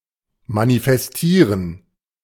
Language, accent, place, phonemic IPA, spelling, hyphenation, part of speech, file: German, Germany, Berlin, /manifɛsˈtiːʁən/, manifestieren, ma‧ni‧fes‧tie‧ren, verb, De-manifestieren.ogg
- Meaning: to manifest